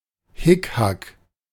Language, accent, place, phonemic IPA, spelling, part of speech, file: German, Germany, Berlin, /ˈhɪkhak/, Hickhack, noun, De-Hickhack.ogg
- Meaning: squabbling, wrangling; back and forth